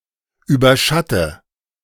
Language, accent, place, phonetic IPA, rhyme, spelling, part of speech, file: German, Germany, Berlin, [ˌyːbɐˈʃatə], -atə, überschatte, verb, De-überschatte.ogg
- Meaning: inflection of überschatten: 1. first-person singular present 2. first/third-person singular subjunctive I 3. singular imperative